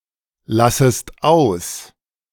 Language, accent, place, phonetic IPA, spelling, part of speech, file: German, Germany, Berlin, [ˌlasəst ˈaʊ̯s], lassest aus, verb, De-lassest aus.ogg
- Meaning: second-person singular subjunctive I of auslassen